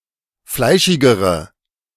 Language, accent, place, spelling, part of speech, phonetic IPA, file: German, Germany, Berlin, fleischigere, adjective, [ˈflaɪ̯ʃɪɡəʁə], De-fleischigere.ogg
- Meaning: inflection of fleischig: 1. strong/mixed nominative/accusative feminine singular comparative degree 2. strong nominative/accusative plural comparative degree